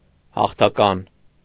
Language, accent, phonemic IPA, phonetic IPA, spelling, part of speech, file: Armenian, Eastern Armenian, /hɑχtʰɑˈkɑn/, [hɑχtʰɑkɑ́n], հաղթական, adjective, Hy-հաղթական.ogg
- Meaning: victorious, triumphant, triumphal